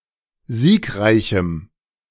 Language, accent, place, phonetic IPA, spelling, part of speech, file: German, Germany, Berlin, [ˈziːkˌʁaɪ̯çm̩], siegreichem, adjective, De-siegreichem.ogg
- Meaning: strong dative masculine/neuter singular of siegreich